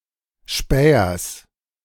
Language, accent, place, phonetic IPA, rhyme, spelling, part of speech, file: German, Germany, Berlin, [ˈʃpɛːɐs], -ɛːɐs, Spähers, noun, De-Spähers.ogg
- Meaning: genitive singular of Späher